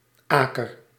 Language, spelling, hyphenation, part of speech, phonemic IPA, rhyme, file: Dutch, aker, aker, noun, /ˈaː.kər/, -aːkər, Nl-aker.ogg
- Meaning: 1. bucket 2. metal well bucket 3. kettle 4. acorn 5. acre